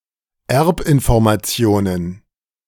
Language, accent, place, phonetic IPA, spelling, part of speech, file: German, Germany, Berlin, [ˈɛʁpʔɪnfɔʁmaˌt͡si̯oːnən], Erbinformationen, noun, De-Erbinformationen.ogg
- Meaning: plural of Erbinformation